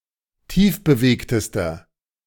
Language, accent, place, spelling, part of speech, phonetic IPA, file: German, Germany, Berlin, tiefbewegtester, adjective, [ˈtiːfbəˌveːktəstɐ], De-tiefbewegtester.ogg
- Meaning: inflection of tiefbewegt: 1. strong/mixed nominative masculine singular superlative degree 2. strong genitive/dative feminine singular superlative degree 3. strong genitive plural superlative degree